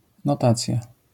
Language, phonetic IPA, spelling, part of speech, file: Polish, [nɔˈtat͡sʲja], notacja, noun, LL-Q809 (pol)-notacja.wav